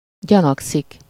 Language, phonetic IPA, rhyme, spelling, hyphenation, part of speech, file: Hungarian, [ˈɟɒnɒksik], -ɒksik, gyanakszik, gya‧nak‧szik, verb, Hu-gyanakszik.ogg
- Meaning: alternative form of gyanakodik